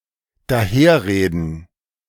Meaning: to speak foolishly; to drivel
- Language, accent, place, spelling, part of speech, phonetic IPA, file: German, Germany, Berlin, daherreden, verb, [daˈheːɐ̯ˌʁeːdn̩], De-daherreden.ogg